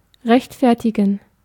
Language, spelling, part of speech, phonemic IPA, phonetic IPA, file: German, rechtfertigen, verb, /ˈʁɛçtfɛʁtiɡən/, [ˈʁɛçtʰ.fɛɐ̯.tʰiɡŋ̍], De-rechtfertigen.ogg
- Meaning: 1. to justify, to defend (a chosen course of action or behavior; of a person) 2. to justify, to vindicate (a chosen course of action or behavior; of circumstances)